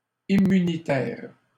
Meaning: immunity; immune
- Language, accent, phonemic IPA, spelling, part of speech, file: French, Canada, /i.my.ni.tɛʁ/, immunitaire, adjective, LL-Q150 (fra)-immunitaire.wav